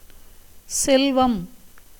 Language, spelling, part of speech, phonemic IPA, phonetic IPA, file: Tamil, செல்வம், noun / proper noun, /tʃɛlʋɐm/, [se̞lʋɐm], Ta-செல்வம்.ogg
- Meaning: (noun) 1. wealth, riches 2. immensity, prosperity, flourishing state 3. beauty 4. enjoyment, pleasure, experience of happiness 5. learning 6. synonym of செல்லம் (cellam)